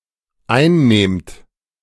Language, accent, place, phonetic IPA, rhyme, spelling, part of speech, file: German, Germany, Berlin, [ˈaɪ̯nˌneːmt], -aɪ̯nneːmt, einnehmt, verb, De-einnehmt.ogg
- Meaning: second-person plural dependent present of einnehmen